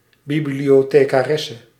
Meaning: a female librarian
- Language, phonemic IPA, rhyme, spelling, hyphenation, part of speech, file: Dutch, /ˌbi.bli.oː.teː.kaːˈrɛ.sə/, -ɛsə, bibliothecaresse, bi‧blio‧the‧ca‧res‧se, noun, Nl-bibliothecaresse.ogg